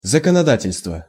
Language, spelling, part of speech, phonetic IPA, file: Russian, законодательство, noun, [zəkənɐˈdatʲɪlʲstvə], Ru-законодательство.ogg
- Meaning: legislation